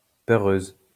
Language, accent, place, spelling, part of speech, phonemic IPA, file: French, France, Lyon, peureuse, adjective, /pœ.ʁøz/, LL-Q150 (fra)-peureuse.wav
- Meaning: feminine singular of peureux